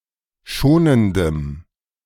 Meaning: strong dative masculine/neuter singular of schonend
- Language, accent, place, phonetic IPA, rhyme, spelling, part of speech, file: German, Germany, Berlin, [ˈʃoːnəndəm], -oːnəndəm, schonendem, adjective, De-schonendem.ogg